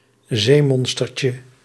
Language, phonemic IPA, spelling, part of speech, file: Dutch, /ˈzemɔnstərcə/, zeemonstertje, noun, Nl-zeemonstertje.ogg
- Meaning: diminutive of zeemonster